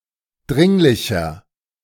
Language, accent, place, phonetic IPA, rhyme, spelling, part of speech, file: German, Germany, Berlin, [ˈdʁɪŋlɪçɐ], -ɪŋlɪçɐ, dringlicher, adjective, De-dringlicher.ogg
- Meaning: 1. comparative degree of dringlich 2. inflection of dringlich: strong/mixed nominative masculine singular 3. inflection of dringlich: strong genitive/dative feminine singular